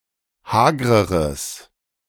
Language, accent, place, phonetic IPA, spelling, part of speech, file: German, Germany, Berlin, [ˈhaːɡʁəʁəs], hagreres, adjective, De-hagreres.ogg
- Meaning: strong/mixed nominative/accusative neuter singular comparative degree of hager